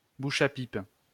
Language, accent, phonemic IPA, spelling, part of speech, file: French, France, /bu.ʃ‿a pip/, bouche à pipe, noun, LL-Q150 (fra)-bouche à pipe.wav
- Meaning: dicksucking lips; mouth that looks ideal for a fellatio; mouth that often performs fellatio